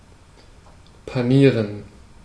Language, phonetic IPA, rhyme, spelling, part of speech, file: German, [paˈniːʁən], -iːʁən, panieren, verb, De-panieren.ogg
- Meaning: to bread